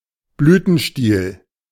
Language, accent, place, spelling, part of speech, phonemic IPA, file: German, Germany, Berlin, Blütenstiel, noun, /ˈblyːtənˈʃtiːl/, De-Blütenstiel.ogg
- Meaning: pedicel